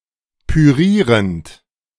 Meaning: present participle of pürieren
- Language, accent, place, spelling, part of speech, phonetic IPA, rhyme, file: German, Germany, Berlin, pürierend, verb, [pyˈʁiːʁənt], -iːʁənt, De-pürierend.ogg